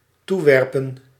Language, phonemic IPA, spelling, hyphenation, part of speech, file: Dutch, /ˈtuˌʋɛr.pən/, toewerpen, toe‧wer‧pen, verb, Nl-toewerpen.ogg
- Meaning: to throw (to)